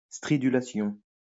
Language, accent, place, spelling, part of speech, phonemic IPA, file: French, France, Lyon, stridulation, noun, /stʁi.dy.la.sjɔ̃/, LL-Q150 (fra)-stridulation.wav
- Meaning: stridulation